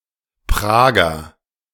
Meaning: Praguer; native or resident of Prague
- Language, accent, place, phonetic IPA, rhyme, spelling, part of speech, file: German, Germany, Berlin, [ˈpʁaːɡɐ], -aːɡɐ, Prager, noun / adjective, De-Prager.ogg